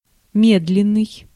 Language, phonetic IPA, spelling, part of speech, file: Russian, [ˈmʲedlʲɪn(ː)ɨj], медленный, adjective, Ru-медленный.ogg
- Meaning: slow